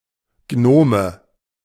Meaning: nominative/accusative/genitive plural of Gnom
- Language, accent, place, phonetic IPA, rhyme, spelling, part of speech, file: German, Germany, Berlin, [ˈɡnoːmə], -oːmə, Gnome, noun, De-Gnome.ogg